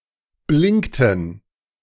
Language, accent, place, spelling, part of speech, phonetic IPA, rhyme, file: German, Germany, Berlin, blinkten, verb, [ˈblɪŋktn̩], -ɪŋktn̩, De-blinkten.ogg
- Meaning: inflection of blinken: 1. first/third-person plural preterite 2. first/third-person plural subjunctive II